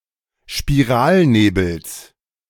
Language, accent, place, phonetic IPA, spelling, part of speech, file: German, Germany, Berlin, [ʃpiˈʁaːlˌneːbl̩s], Spiralnebels, noun, De-Spiralnebels.ogg
- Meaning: genitive singular of Spiralnebel